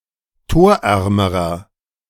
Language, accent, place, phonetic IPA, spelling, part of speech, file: German, Germany, Berlin, [ˈtoːɐ̯ˌʔɛʁməʁɐ], torärmerer, adjective, De-torärmerer.ogg
- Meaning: inflection of torarm: 1. strong/mixed nominative masculine singular comparative degree 2. strong genitive/dative feminine singular comparative degree 3. strong genitive plural comparative degree